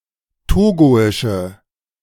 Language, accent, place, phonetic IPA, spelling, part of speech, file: German, Germany, Berlin, [ˈtoːɡoɪʃə], togoische, adjective, De-togoische.ogg
- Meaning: inflection of togoisch: 1. strong/mixed nominative/accusative feminine singular 2. strong nominative/accusative plural 3. weak nominative all-gender singular